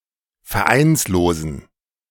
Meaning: inflection of vereinslos: 1. strong genitive masculine/neuter singular 2. weak/mixed genitive/dative all-gender singular 3. strong/weak/mixed accusative masculine singular 4. strong dative plural
- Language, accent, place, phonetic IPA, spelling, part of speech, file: German, Germany, Berlin, [fɛɐ̯ˈʔaɪ̯nsloːzn̩], vereinslosen, adjective, De-vereinslosen.ogg